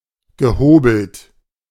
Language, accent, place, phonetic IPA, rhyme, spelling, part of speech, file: German, Germany, Berlin, [ɡəˈhoːbl̩t], -oːbl̩t, gehobelt, verb, De-gehobelt.ogg
- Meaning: past participle of hobeln